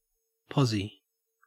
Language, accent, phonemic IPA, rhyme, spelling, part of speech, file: English, Australia, /ˈpɒ.zi/, -ɒzi, pozzy, noun, En-au-pozzy.ogg
- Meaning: 1. Jam (“fruit conserve made from fruit boiled with sugar”) 2. A firing position 3. A position or place, especially one that is advantageous